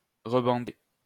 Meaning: 1. to rebandage 2. to re-flex, to retighten 3. to get one's erection back
- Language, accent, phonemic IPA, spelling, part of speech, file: French, France, /ʁə.bɑ̃.de/, rebander, verb, LL-Q150 (fra)-rebander.wav